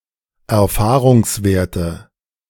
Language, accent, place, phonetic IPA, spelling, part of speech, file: German, Germany, Berlin, [ɛɐ̯ˈfaːʁʊŋsˌveːɐ̯tə], Erfahrungswerte, noun, De-Erfahrungswerte.ogg
- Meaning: nominative/accusative/genitive plural of Erfahrungswert